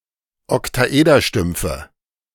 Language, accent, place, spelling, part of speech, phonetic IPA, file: German, Germany, Berlin, Oktaederstümpfe, noun, [ɔktaˈʔeːdɐˌʃtʏmp͡fə], De-Oktaederstümpfe.ogg
- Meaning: nominative/accusative/genitive plural of Oktaederstumpf